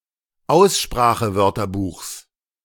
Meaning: genitive singular of Aussprachewörterbuch
- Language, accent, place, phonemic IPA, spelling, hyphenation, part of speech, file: German, Germany, Berlin, /ˈaʊ̯sʃpʁaːxəˌvœʁtɐbuːxs/, Aussprachewörterbuchs, Aus‧spra‧che‧wör‧ter‧buchs, noun, De-Aussprachewörterbuchs.ogg